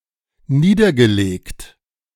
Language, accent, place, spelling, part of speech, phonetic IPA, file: German, Germany, Berlin, niedergelegt, verb, [ˈniːdɐɡəˌleːkt], De-niedergelegt.ogg
- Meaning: past participle of niederlegen